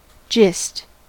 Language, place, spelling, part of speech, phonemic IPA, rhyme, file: English, California, gist, noun / verb, /d͡ʒɪst/, -ɪst, En-us-gist.ogg
- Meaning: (noun) The main idea or substance, or the most essential part, of a longer or more complicated matter; the crux, the heart, the pith